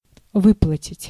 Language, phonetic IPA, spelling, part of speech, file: Russian, [ˈvɨpɫətʲɪtʲ], выплатить, verb, Ru-выплатить.ogg
- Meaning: 1. to pay, to disburse 2. to pay off, to pay in full